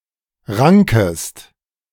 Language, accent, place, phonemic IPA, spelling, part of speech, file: German, Germany, Berlin, /ˈʁaŋkəst/, rankest, verb, De-rankest.ogg
- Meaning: second-person singular subjunctive I of ranken